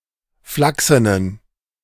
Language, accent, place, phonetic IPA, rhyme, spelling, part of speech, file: German, Germany, Berlin, [ˈflaksənən], -aksənən, flachsenen, adjective, De-flachsenen.ogg
- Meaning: inflection of flachsen: 1. strong genitive masculine/neuter singular 2. weak/mixed genitive/dative all-gender singular 3. strong/weak/mixed accusative masculine singular 4. strong dative plural